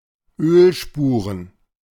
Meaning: plural of Ölspur
- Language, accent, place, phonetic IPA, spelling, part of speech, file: German, Germany, Berlin, [ˈøːlˌʃpuːʁən], Ölspuren, noun, De-Ölspuren.ogg